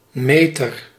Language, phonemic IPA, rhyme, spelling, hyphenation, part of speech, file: Dutch, /ˈmeːtər/, -eːtər, meter, me‧ter, noun, Nl-meter.ogg
- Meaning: 1. meter (device that measures things or indicates a physical quantity) 2. measurer (person who measures something) 3. meter, metre (unit of distance) 4. godmother